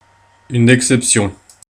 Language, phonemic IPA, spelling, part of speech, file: French, /ɛk.sɛp.sjɔ̃/, exception, noun, Fr-exception.ogg
- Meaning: 1. exception 2. exception (interruption in normal processing, typically caused by an error condition)